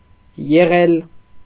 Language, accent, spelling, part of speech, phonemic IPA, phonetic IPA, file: Armenian, Eastern Armenian, եղել, verb, /jeˈʁel/, [jeʁél], Hy-եղել.ogg
- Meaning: past participle of լինել (linel)